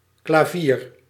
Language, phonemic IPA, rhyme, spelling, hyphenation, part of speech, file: Dutch, /klaːˈviːr/, -iːr, klavier, kla‧vier, noun, Nl-klavier.ogg
- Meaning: 1. piano (string instrument) 2. keyboard (set of keys to operate a musical instrument) 3. keyboard (input device for computers, etc.) 4. hand, mitt